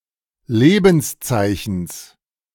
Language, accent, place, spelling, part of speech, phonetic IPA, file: German, Germany, Berlin, Lebenszeichens, noun, [ˈleːbn̩sˌt͡saɪ̯çn̩s], De-Lebenszeichens.ogg
- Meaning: genitive of Lebenszeichen